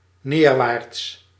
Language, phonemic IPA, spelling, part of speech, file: Dutch, /ˈnerwarts/, neerwaarts, adjective / adverb, Nl-neerwaarts.ogg
- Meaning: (adjective) downward; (adverb) downwards